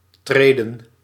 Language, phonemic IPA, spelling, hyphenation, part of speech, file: Dutch, /ˈtreːdə(n)/, treden, tre‧den, verb / noun, Nl-treden.ogg
- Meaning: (verb) to tread, step; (noun) 1. plural of tred 2. plural of trede 3. plural of tree